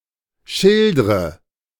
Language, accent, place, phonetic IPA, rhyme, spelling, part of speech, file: German, Germany, Berlin, [ˈʃɪldʁə], -ɪldʁə, schildre, verb, De-schildre.ogg
- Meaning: inflection of schildern: 1. first-person singular present 2. first/third-person singular subjunctive I 3. singular imperative